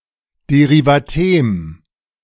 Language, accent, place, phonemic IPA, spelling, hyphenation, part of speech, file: German, Germany, Berlin, /deʁivaˈteːm/, Derivatem, De‧ri‧va‧tem, noun, De-Derivatem.ogg
- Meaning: derivational morpheme